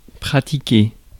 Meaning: to do; to practise
- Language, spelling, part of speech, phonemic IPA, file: French, pratiquer, verb, /pʁa.ti.ke/, Fr-pratiquer.ogg